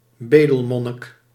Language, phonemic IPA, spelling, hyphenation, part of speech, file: Dutch, /ˈbeː.dəlˌmɔ.nɪk/, bedelmonnik, be‧del‧mon‧nik, noun, Nl-bedelmonnik.ogg
- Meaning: mendicant, mendicant monk